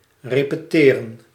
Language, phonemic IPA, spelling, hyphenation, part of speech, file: Dutch, /ˌreː.pəˈteː.rə(n)/, repeteren, re‧pe‧te‧ren, verb, Nl-repeteren.ogg
- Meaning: 1. to repeat 2. to rehearse